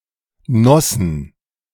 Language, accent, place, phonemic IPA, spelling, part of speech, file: German, Germany, Berlin, /ˈnɔsn̩/, Nossen, proper noun, De-Nossen.ogg
- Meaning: a town in Saxony, Germany